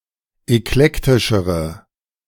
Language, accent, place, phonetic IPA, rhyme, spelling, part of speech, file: German, Germany, Berlin, [ɛkˈlɛktɪʃəʁə], -ɛktɪʃəʁə, eklektischere, adjective, De-eklektischere.ogg
- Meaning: inflection of eklektisch: 1. strong/mixed nominative/accusative feminine singular comparative degree 2. strong nominative/accusative plural comparative degree